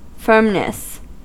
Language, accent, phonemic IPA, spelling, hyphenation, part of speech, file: English, US, /ˈfɝmnəs/, firmness, firm‧ness, noun, En-us-firmness.ogg
- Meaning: The state of being firm: 1. security; steadfastness; good grip 2. strictness; mental strength 3. physical durability; rigidness (of material)